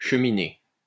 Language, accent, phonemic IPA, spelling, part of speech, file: French, France, /ʃə.mi.ne/, cheminer, verb, LL-Q150 (fra)-cheminer.wav
- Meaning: to walk on, to keep walking (especially on a long and regular or a painful walk)